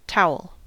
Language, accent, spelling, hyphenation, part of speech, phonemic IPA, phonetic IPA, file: English, US, towel, tow‧el, noun / verb, /ˈtaʊ̯əl/, [ˈtʰaʊ̯l̩], En-us-towel.ogg
- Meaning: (noun) A cloth used for wiping, especially one used for drying anything wet, such as a person after a bath; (verb) 1. To dry by using a towel 2. To hit with a towel